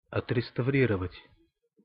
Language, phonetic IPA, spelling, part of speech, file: Russian, [ɐtrʲɪstɐˈvrʲirəvətʲ], отреставрировать, verb, Ru-отреставрировать.ogg
- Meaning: to restore, to refurbish